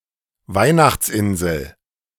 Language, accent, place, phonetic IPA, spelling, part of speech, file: German, Germany, Berlin, [ˈvaɪ̯naxt͡sˌʔɪnzl̩], Weihnachtsinsel, proper noun, De-Weihnachtsinsel.ogg
- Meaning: Christmas Island (an island and external territory of Australia, located on the Indian Ocean)